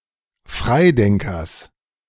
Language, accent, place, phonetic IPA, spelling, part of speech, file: German, Germany, Berlin, [ˈfʁaɪ̯ˌdɛŋkɐs], Freidenkers, noun, De-Freidenkers.ogg
- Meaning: genitive of Freidenker